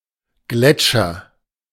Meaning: glacier
- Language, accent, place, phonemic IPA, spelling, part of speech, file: German, Germany, Berlin, /ˈɡlɛtʃɐ/, Gletscher, noun, De-Gletscher.ogg